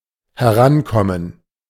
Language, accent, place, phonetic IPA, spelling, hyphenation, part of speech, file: German, Germany, Berlin, [hɛˈʁanˌkɔmən], herankommen, he‧ran‧kom‧men, verb, De-herankommen.ogg
- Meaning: to approach, to come close